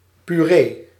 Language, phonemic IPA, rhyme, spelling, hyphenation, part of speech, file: Dutch, /pyˈreː/, -eː, puree, pu‧ree, noun, Nl-puree.ogg
- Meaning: puree